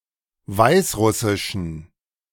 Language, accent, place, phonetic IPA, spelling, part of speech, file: German, Germany, Berlin, [ˈvaɪ̯sˌʁʊsɪʃn̩], Weißrussischen, noun, De-Weißrussischen.ogg
- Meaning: genitive singular of Weißrussisch